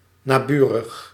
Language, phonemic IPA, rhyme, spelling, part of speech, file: Dutch, /naːˈby.rəx/, -yrəx, naburig, adjective, Nl-naburig.ogg
- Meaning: neighboring